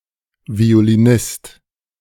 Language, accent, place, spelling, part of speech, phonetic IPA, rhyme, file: German, Germany, Berlin, Violinist, noun, [vi̯oliˈnɪst], -ɪst, De-Violinist.ogg
- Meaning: violinist